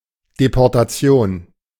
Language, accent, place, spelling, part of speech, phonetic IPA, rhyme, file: German, Germany, Berlin, Deportation, noun, [depɔʁtaˈt͡si̯oːn], -oːn, De-Deportation.ogg
- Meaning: deportation, banishment (forced transport of individuals or groups of people to camps or specific regions)